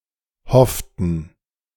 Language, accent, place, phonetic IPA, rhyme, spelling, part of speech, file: German, Germany, Berlin, [ˈhɔftn̩], -ɔftn̩, hofften, verb, De-hofften.ogg
- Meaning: inflection of hoffen: 1. first/third-person plural preterite 2. first/third-person plural subjunctive II